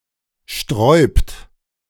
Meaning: inflection of sträuben: 1. third-person singular present 2. second-person plural present 3. plural imperative
- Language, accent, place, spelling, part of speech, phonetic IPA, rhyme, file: German, Germany, Berlin, sträubt, verb, [ʃtʁɔɪ̯pt], -ɔɪ̯pt, De-sträubt.ogg